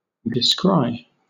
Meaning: 1. To announce a discovery: to disclose; to reveal 2. To see, especially from afar; to discover (a distant or obscure object) by the eye; to espy; to discern or detect
- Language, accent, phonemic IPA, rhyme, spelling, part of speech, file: English, Southern England, /dɪˈskɹaɪ/, -aɪ, descry, verb, LL-Q1860 (eng)-descry.wav